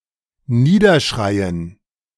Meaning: to shout down
- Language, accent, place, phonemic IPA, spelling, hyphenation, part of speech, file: German, Germany, Berlin, /ˈniːdɐˌʃʁaɪ̯ən/, niederschreien, nie‧der‧schrei‧en, verb, De-niederschreien.ogg